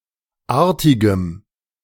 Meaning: strong dative masculine/neuter singular of artig
- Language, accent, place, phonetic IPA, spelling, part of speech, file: German, Germany, Berlin, [ˈaːɐ̯tɪɡəm], artigem, adjective, De-artigem.ogg